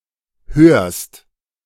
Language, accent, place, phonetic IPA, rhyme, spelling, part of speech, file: German, Germany, Berlin, [høːɐ̯st], -øːɐ̯st, hörst, verb, De-hörst.ogg
- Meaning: second-person singular present of hören